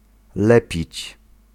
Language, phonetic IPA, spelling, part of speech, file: Polish, [ˈlɛpʲit͡ɕ], lepić, verb, Pl-lepić.ogg